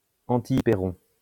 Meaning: antihyperon
- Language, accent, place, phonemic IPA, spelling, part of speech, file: French, France, Lyon, /ɑ̃.ti.i.pe.ʁɔ̃/, antihypéron, noun, LL-Q150 (fra)-antihypéron.wav